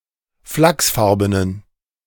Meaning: inflection of flachsfarben: 1. strong genitive masculine/neuter singular 2. weak/mixed genitive/dative all-gender singular 3. strong/weak/mixed accusative masculine singular 4. strong dative plural
- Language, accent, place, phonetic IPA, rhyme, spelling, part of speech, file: German, Germany, Berlin, [ˈflaksˌfaʁbənən], -aksfaʁbənən, flachsfarbenen, adjective, De-flachsfarbenen.ogg